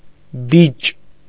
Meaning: 1. bastard, illegitimate child 2. sucker (an undesired stem growing out of the roots or lower trunk of a plant) 3. errand boy, servant boy 4. cheeky bastard, shrewd person, streetwise/experienced man
- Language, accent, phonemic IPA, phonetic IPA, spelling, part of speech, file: Armenian, Eastern Armenian, /bit͡ʃ/, [bit͡ʃ], բիճ, noun, Hy-բիճ.ogg